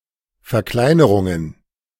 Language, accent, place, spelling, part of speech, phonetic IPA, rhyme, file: German, Germany, Berlin, Verkleinerungen, noun, [fɛɐ̯ˈklaɪ̯nəʁʊŋən], -aɪ̯nəʁʊŋən, De-Verkleinerungen.ogg
- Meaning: plural of Verkleinerung